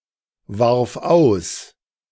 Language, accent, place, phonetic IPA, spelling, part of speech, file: German, Germany, Berlin, [ˌvaʁf ˈaʊ̯s], warf aus, verb, De-warf aus.ogg
- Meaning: first/third-person singular preterite of auswerfen